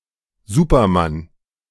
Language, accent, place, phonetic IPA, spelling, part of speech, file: German, Germany, Berlin, [ˈzuːpɐˌman], Supermann, noun, De-Supermann.ogg
- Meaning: superman